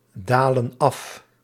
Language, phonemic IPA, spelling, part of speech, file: Dutch, /ˈdalə(n) ˈɑf/, dalen af, verb, Nl-dalen af.ogg
- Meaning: inflection of afdalen: 1. plural present indicative 2. plural present subjunctive